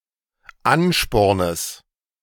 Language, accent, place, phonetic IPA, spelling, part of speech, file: German, Germany, Berlin, [ˈanʃpɔʁnəs], Anspornes, noun, De-Anspornes.ogg
- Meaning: genitive singular of Ansporn